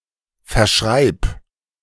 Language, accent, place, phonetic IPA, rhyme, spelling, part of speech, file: German, Germany, Berlin, [fɛɐ̯ˈʃʁaɪ̯p], -aɪ̯p, verschreib, verb, De-verschreib.ogg
- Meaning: singular imperative of verschreiben